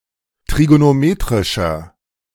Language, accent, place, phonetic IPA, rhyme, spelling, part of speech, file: German, Germany, Berlin, [tʁiɡonoˈmeːtʁɪʃɐ], -eːtʁɪʃɐ, trigonometrischer, adjective, De-trigonometrischer.ogg
- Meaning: inflection of trigonometrisch: 1. strong/mixed nominative masculine singular 2. strong genitive/dative feminine singular 3. strong genitive plural